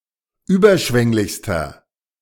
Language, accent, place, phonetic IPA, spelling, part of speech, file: German, Germany, Berlin, [ˈyːbɐˌʃvɛŋlɪçstɐ], überschwänglichster, adjective, De-überschwänglichster.ogg
- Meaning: inflection of überschwänglich: 1. strong/mixed nominative masculine singular superlative degree 2. strong genitive/dative feminine singular superlative degree